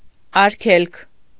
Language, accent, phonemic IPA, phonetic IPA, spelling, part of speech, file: Armenian, Eastern Armenian, /ɑɾˈkʰelkʰ/, [ɑɾkʰélkʰ], արգելք, noun, Hy-արգելք.ogg
- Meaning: obstacle, hindrance